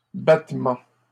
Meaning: 1. beating; hitting 2. battement
- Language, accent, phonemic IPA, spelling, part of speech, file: French, Canada, /bat.mɑ̃/, battement, noun, LL-Q150 (fra)-battement.wav